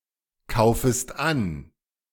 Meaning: second-person singular subjunctive I of ankaufen
- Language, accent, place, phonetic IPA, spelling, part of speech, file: German, Germany, Berlin, [ˌkaʊ̯fəst ˈan], kaufest an, verb, De-kaufest an.ogg